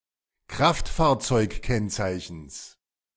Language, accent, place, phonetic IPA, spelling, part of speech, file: German, Germany, Berlin, [ˈkʁaftfaːɐ̯t͡sɔɪ̯kˌkɛnt͡saɪ̯çn̩s], Kraftfahrzeugkennzeichens, noun, De-Kraftfahrzeugkennzeichens.ogg
- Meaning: genitive singular of Kraftfahrzeugkennzeichen